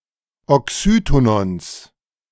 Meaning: genitive of Oxytonon
- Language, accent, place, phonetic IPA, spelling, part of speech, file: German, Germany, Berlin, [ɔˈksyːtonɔns], Oxytonons, noun, De-Oxytonons.ogg